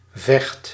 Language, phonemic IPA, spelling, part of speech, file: Dutch, /vɛxt/, vecht, verb, Nl-vecht.ogg
- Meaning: inflection of vechten: 1. first/second/third-person singular present indicative 2. imperative